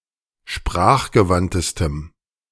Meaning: strong dative masculine/neuter singular superlative degree of sprachgewandt
- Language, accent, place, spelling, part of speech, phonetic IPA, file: German, Germany, Berlin, sprachgewandtestem, adjective, [ˈʃpʁaːxɡəˌvantəstəm], De-sprachgewandtestem.ogg